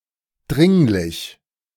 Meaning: 1. urgent 2. necessary
- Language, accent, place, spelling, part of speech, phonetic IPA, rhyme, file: German, Germany, Berlin, dringlich, adjective, [ˈdʁɪŋlɪç], -ɪŋlɪç, De-dringlich.ogg